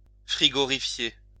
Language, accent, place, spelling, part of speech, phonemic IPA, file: French, France, Lyon, frigorifier, verb, /fʁi.ɡɔ.ʁi.fje/, LL-Q150 (fra)-frigorifier.wav
- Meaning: to refrigerate